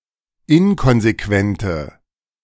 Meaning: inflection of inkonsequent: 1. strong/mixed nominative/accusative feminine singular 2. strong nominative/accusative plural 3. weak nominative all-gender singular
- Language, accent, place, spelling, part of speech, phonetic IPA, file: German, Germany, Berlin, inkonsequente, adjective, [ˈɪnkɔnzeˌkvɛntə], De-inkonsequente.ogg